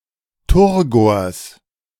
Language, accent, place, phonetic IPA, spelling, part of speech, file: German, Germany, Berlin, [ˈtʊʁɡoːɐ̯s], Turgors, noun, De-Turgors.ogg
- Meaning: genitive singular of Turgor